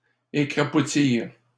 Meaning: third-person plural past historic of écrapoutir
- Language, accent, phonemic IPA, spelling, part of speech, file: French, Canada, /e.kʁa.pu.tiʁ/, écrapoutirent, verb, LL-Q150 (fra)-écrapoutirent.wav